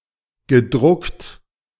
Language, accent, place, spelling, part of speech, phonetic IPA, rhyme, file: German, Germany, Berlin, gedruckt, verb, [ɡəˈdʁʊkt], -ʊkt, De-gedruckt.ogg
- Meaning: past participle of drucken